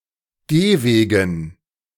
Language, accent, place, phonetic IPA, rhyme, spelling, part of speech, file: German, Germany, Berlin, [ˈɡeːˌveːɡn̩], -eːveːɡn̩, Gehwegen, noun, De-Gehwegen.ogg
- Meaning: dative plural of Gehweg